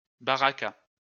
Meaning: 1. barakah 2. benediction 3. chance, fate
- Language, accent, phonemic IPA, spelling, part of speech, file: French, France, /ba.ʁa.ka/, baraka, noun, LL-Q150 (fra)-baraka.wav